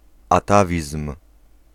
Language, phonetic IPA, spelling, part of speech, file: Polish, [aˈtavʲism̥], atawizm, noun, Pl-atawizm.ogg